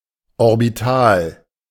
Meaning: orbital
- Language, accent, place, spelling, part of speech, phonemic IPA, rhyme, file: German, Germany, Berlin, orbital, adjective, /ɔʁbɪˈtaːl/, -aːl, De-orbital.ogg